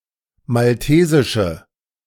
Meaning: inflection of maltesisch: 1. strong/mixed nominative/accusative feminine singular 2. strong nominative/accusative plural 3. weak nominative all-gender singular
- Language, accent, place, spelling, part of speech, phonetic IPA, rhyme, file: German, Germany, Berlin, maltesische, adjective, [malˈteːzɪʃə], -eːzɪʃə, De-maltesische.ogg